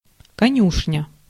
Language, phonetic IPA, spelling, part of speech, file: Russian, [kɐˈnʲuʂnʲə], конюшня, noun, Ru-конюшня.ogg
- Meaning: stable, stabling